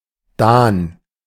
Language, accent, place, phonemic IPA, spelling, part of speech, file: German, Germany, Berlin, /daːn/, Dahn, proper noun, De-Dahn.ogg
- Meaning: a city in Rhineland-Palatinate, Germany